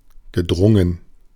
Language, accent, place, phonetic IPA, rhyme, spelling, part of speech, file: German, Germany, Berlin, [ɡəˈdʁʊŋən], -ʊŋən, gedrungen, adjective / verb, De-gedrungen.ogg
- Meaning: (verb) past participle of dringen; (adjective) stubby, squat